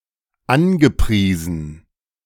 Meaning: past participle of anpreisen - praised, touted
- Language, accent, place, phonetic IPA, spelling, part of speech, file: German, Germany, Berlin, [ˈanɡəˌpʁiːzn̩], angepriesen, verb, De-angepriesen.ogg